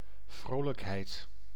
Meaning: cheerfulness, glee, merriment, mirth
- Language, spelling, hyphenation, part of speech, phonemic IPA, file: Dutch, vrolijkheid, vro‧lijk‧heid, noun, /ˈvroː.ləkˌɦɛi̯t/, Nl-vrolijkheid.ogg